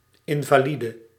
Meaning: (noun) a disabled or handicapped person, an invalid; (adjective) disabled, handicapped
- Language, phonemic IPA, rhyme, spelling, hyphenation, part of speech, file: Dutch, /ˌɪn.vaːˈli.də/, -idə, invalide, in‧va‧li‧de, noun / adjective, Nl-invalide.ogg